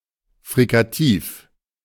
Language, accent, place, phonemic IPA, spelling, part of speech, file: German, Germany, Berlin, /fʁikaˈtiːf/, Frikativ, noun, De-Frikativ.ogg
- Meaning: fricative (consonant)